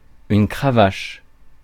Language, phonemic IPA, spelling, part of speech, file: French, /kʁa.vaʃ/, cravache, noun / verb, Fr-cravache.ogg
- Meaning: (noun) quirt, riding crop; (verb) inflection of cravacher: 1. first/third-person singular present indicative/subjunctive 2. second-person singular imperative